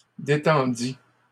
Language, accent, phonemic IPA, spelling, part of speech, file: French, Canada, /de.tɑ̃.di/, détendît, verb, LL-Q150 (fra)-détendît.wav
- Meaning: third-person singular imperfect subjunctive of détendre